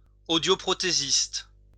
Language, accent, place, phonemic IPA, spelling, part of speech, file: French, France, Lyon, /o.djo.pʁɔ.te.zist/, audioprothésiste, noun, LL-Q150 (fra)-audioprothésiste.wav
- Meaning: hearing aid technician